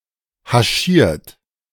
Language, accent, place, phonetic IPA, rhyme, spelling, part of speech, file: German, Germany, Berlin, [haˈʃiːɐ̯t], -iːɐ̯t, haschiert, verb, De-haschiert.ogg
- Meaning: 1. past participle of haschieren 2. inflection of haschieren: third-person singular present 3. inflection of haschieren: second-person plural present 4. inflection of haschieren: plural imperative